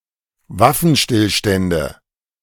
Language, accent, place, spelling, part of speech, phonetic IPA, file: German, Germany, Berlin, Waffenstillstände, noun, [ˈvafn̩ˌʃtɪlʃtɛndə], De-Waffenstillstände.ogg
- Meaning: nominative/accusative/genitive plural of Waffenstillstand